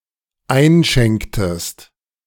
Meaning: inflection of einschenken: 1. second-person singular dependent preterite 2. second-person singular dependent subjunctive II
- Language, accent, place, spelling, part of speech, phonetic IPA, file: German, Germany, Berlin, einschenktest, verb, [ˈaɪ̯nˌʃɛŋktəst], De-einschenktest.ogg